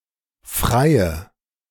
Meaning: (adjective) inflection of frei: 1. strong/mixed nominative/accusative feminine singular 2. strong nominative/accusative plural 3. weak nominative all-gender singular
- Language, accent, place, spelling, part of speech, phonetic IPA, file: German, Germany, Berlin, freie, adjective / verb, [fʁaɪ̯ə], De-freie.ogg